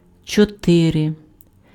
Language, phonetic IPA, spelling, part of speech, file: Ukrainian, [t͡ʃɔˈtɪre], чотири, numeral, Uk-чотири.ogg
- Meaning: four (4)